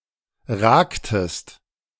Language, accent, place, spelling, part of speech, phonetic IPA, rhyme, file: German, Germany, Berlin, ragtest, verb, [ˈʁaːktəst], -aːktəst, De-ragtest.ogg
- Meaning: inflection of ragen: 1. second-person singular preterite 2. second-person singular subjunctive II